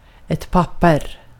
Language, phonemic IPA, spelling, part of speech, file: Swedish, /²papːɛr/, papper, noun, Sv-papper.ogg
- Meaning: 1. paper (material) 2. a sheet of paper 3. a sheet of paper: a (larger) piece of paper 4. a paper (document)